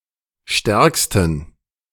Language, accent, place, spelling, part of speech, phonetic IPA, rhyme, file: German, Germany, Berlin, stärksten, adjective, [ˈʃtɛʁkstn̩], -ɛʁkstn̩, De-stärksten.ogg
- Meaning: superlative degree of stark